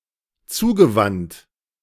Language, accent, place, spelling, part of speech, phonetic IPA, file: German, Germany, Berlin, zugewandt, verb, [ˈt͡suːɡəˌvant], De-zugewandt.ogg
- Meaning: past participle of zuwenden